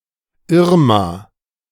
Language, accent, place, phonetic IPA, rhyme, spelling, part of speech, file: German, Germany, Berlin, [ˈɪʁma], -ɪʁma, Irma, proper noun, De-Irma.ogg
- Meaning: a female given name